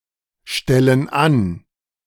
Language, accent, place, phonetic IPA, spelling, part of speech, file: German, Germany, Berlin, [ˌʃtɛlən ˈan], stellen an, verb, De-stellen an.ogg
- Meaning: inflection of anstellen: 1. first/third-person plural present 2. first/third-person plural subjunctive I